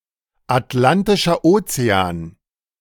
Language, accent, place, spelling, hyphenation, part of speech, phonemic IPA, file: German, Germany, Berlin, Atlantischer Ozean, At‧lan‧ti‧scher Oze‧an, proper noun, /atˌlantɪʃɐ ˈʔoːt͡seaːn/, De-Atlantischer Ozean.ogg
- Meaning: Atlantic Ocean (the ocean lying between the Americas to the west and Europe and Africa to the east)